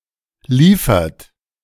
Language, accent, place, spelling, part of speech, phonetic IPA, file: German, Germany, Berlin, liefert, verb, [ˈliːfɐt], De-liefert.ogg
- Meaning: inflection of liefern: 1. third-person singular present 2. second-person plural present 3. plural imperative